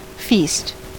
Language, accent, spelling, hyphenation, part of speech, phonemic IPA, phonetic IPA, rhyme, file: English, US, feast, feast, noun / verb, /ˈfiːst/, [ˈfɪi̯st], -iːst, En-us-feast.ogg
- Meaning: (noun) 1. A holiday, festival, especially a religious one 2. A very large meal, often of a ceremonial nature 3. Something delightful and satisfying; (verb) To partake in a feast, or large meal